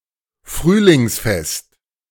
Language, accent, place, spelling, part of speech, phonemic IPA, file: German, Germany, Berlin, Frühlingsfest, noun, /ˈfʁyːlɪŋsˌfɛst/, De-Frühlingsfest.ogg
- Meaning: spring festival, springtime festival